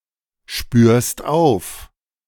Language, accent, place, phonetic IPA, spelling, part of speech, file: German, Germany, Berlin, [ˌʃpyːɐ̯st ˈaʊ̯f], spürst auf, verb, De-spürst auf.ogg
- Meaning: second-person singular present of aufspüren